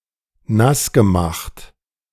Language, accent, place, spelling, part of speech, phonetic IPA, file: German, Germany, Berlin, nassgemacht, verb, [ˈnasɡəˌmaxt], De-nassgemacht.ogg
- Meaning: past participle of nassmachen